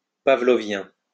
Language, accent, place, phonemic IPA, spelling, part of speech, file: French, France, Lyon, /pa.vlɔ.vjɛ̃/, pavlovien, adjective, LL-Q150 (fra)-pavlovien.wav
- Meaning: of Pavlov; Pavlovian (relating to the theories of Ivan Pavlov)